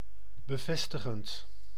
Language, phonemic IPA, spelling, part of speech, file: Dutch, /bəˈvɛstəxənt/, bevestigend, verb / adjective, Nl-bevestigend.ogg
- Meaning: present participle of bevestigen